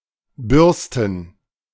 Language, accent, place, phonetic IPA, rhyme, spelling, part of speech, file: German, Germany, Berlin, [ˈbʏʁstn̩], -ʏʁstn̩, Bürsten, noun, De-Bürsten.ogg
- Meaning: plural of Bürste